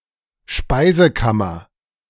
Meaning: 1. pantry 2. larder
- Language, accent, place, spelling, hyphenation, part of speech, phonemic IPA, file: German, Germany, Berlin, Speisekammer, Spei‧se‧kam‧mer, noun, /ˈʃpaɪ̯zəˌkamɐ/, De-Speisekammer.ogg